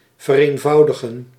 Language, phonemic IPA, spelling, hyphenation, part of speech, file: Dutch, /vərˌeːnˈvɑu̯.də.ɣə(n)/, vereenvoudigen, ver‧een‧vou‧di‧gen, verb, Nl-vereenvoudigen.ogg
- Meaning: to simplify